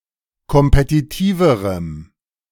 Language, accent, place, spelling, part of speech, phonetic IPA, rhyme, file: German, Germany, Berlin, kompetitiverem, adjective, [kɔmpetiˈtiːvəʁəm], -iːvəʁəm, De-kompetitiverem.ogg
- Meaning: strong dative masculine/neuter singular comparative degree of kompetitiv